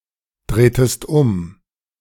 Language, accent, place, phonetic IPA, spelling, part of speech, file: German, Germany, Berlin, [ˌdʁeːtəst ˈʊm], drehtest um, verb, De-drehtest um.ogg
- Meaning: inflection of umdrehen: 1. second-person singular preterite 2. second-person singular subjunctive II